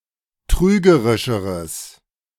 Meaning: strong/mixed nominative/accusative neuter singular comparative degree of trügerisch
- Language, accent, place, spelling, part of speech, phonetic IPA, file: German, Germany, Berlin, trügerischeres, adjective, [ˈtʁyːɡəʁɪʃəʁəs], De-trügerischeres.ogg